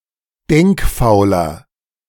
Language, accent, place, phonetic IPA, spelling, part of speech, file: German, Germany, Berlin, [ˈdɛŋkˌfaʊ̯lɐ], denkfauler, adjective, De-denkfauler.ogg
- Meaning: 1. comparative degree of denkfaul 2. inflection of denkfaul: strong/mixed nominative masculine singular 3. inflection of denkfaul: strong genitive/dative feminine singular